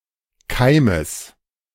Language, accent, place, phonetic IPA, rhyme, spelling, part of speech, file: German, Germany, Berlin, [ˈkaɪ̯məs], -aɪ̯məs, Keimes, noun, De-Keimes.ogg
- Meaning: genitive singular of Keim